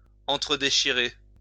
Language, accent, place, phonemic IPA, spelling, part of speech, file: French, France, Lyon, /ɑ̃.tʁə.de.ʃi.ʁe/, entre-déchirer, verb, LL-Q150 (fra)-entre-déchirer.wav
- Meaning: to tear each other to bits